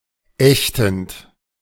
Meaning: present participle of ächten
- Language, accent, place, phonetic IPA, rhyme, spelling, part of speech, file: German, Germany, Berlin, [ˈɛçtn̩t], -ɛçtn̩t, ächtend, verb, De-ächtend.ogg